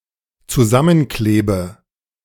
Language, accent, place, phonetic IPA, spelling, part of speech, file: German, Germany, Berlin, [t͡suˈzamənˌkleːbə], zusammenklebe, verb, De-zusammenklebe.ogg
- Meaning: inflection of zusammenkleben: 1. first-person singular dependent present 2. first/third-person singular dependent subjunctive I